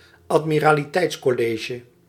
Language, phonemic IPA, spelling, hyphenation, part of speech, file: Dutch, /ɑt.mi.raː.liˈtɛi̯ts.kɔˌleː.ʒə/, admiraliteitscollege, ad‧mi‧ra‧li‧teits‧col‧le‧ge, noun, Nl-admiraliteitscollege.ogg
- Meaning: a body governing a division of the navy; the naval force of the Dutch Republic comprised five such distinct organisations